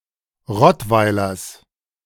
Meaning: genitive singular of Rottweiler
- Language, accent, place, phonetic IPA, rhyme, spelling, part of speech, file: German, Germany, Berlin, [ˈʁɔtvaɪ̯lɐs], -ɔtvaɪ̯lɐs, Rottweilers, noun, De-Rottweilers.ogg